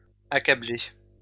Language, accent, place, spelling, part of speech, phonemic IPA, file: French, France, Lyon, accablée, verb, /a.ka.ble/, LL-Q150 (fra)-accablée.wav
- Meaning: feminine singular of accablé